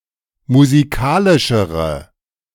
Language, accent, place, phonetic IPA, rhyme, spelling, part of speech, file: German, Germany, Berlin, [muziˈkaːlɪʃəʁə], -aːlɪʃəʁə, musikalischere, adjective, De-musikalischere.ogg
- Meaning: inflection of musikalisch: 1. strong/mixed nominative/accusative feminine singular comparative degree 2. strong nominative/accusative plural comparative degree